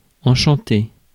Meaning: to enchant
- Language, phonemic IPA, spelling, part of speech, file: French, /ɑ̃.ʃɑ̃.te/, enchanter, verb, Fr-enchanter.ogg